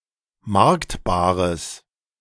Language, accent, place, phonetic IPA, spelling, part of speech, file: German, Germany, Berlin, [ˈmaʁktbaːʁəs], marktbares, adjective, De-marktbares.ogg
- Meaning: strong/mixed nominative/accusative neuter singular of marktbar